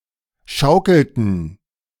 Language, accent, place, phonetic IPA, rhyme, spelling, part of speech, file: German, Germany, Berlin, [ˈʃaʊ̯kl̩tn̩], -aʊ̯kl̩tn̩, schaukelten, verb, De-schaukelten.ogg
- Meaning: inflection of schaukeln: 1. first/third-person plural preterite 2. first/third-person plural subjunctive II